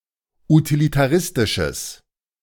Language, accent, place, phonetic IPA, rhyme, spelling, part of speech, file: German, Germany, Berlin, [utilitaˈʁɪstɪʃəs], -ɪstɪʃəs, utilitaristisches, adjective, De-utilitaristisches.ogg
- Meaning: strong/mixed nominative/accusative neuter singular of utilitaristisch